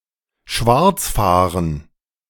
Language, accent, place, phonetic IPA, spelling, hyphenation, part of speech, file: German, Germany, Berlin, [ˈʃvaʁt͡sˌfaːʁən], schwarzfahren, schwarz‧fah‧ren, verb, De-schwarzfahren.ogg
- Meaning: 1. to use transportation without a valid fare 2. to drive without a valid license